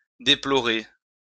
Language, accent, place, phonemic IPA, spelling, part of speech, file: French, France, Lyon, /de.plɔ.ʁe/, déplorer, verb, LL-Q150 (fra)-déplorer.wav
- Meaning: to deplore, to rue, to lament